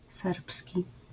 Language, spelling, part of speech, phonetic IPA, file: Polish, serbski, adjective / noun, [ˈsɛrpsʲci], LL-Q809 (pol)-serbski.wav